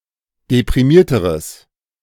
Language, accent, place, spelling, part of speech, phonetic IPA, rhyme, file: German, Germany, Berlin, deprimierteres, adjective, [depʁiˈmiːɐ̯təʁəs], -iːɐ̯təʁəs, De-deprimierteres.ogg
- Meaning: strong/mixed nominative/accusative neuter singular comparative degree of deprimiert